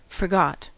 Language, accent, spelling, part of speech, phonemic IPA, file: English, US, forgot, verb, /fɚˈɡɑt/, En-us-forgot.ogg
- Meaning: 1. simple past of forget 2. past participle of forget